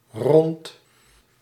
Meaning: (adjective) 1. round, circular 2. finished, completed; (adverb) 1. around, about 2. around (implying motion); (preposition) 1. around 2. concerning, related to; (noun) sphericity
- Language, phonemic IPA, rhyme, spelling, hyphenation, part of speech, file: Dutch, /rɔnt/, -ɔnt, rond, rond, adjective / adverb / preposition / noun, Nl-rond.ogg